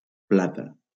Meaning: 1. silver 2. platter
- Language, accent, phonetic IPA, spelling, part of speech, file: Catalan, Valencia, [ˈpla.ta], plata, noun, LL-Q7026 (cat)-plata.wav